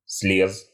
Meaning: masculine singular past indicative perfective of слезть (sleztʹ)
- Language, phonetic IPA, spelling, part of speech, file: Russian, [s⁽ʲ⁾lʲes], слез, verb, Ru-слез.ogg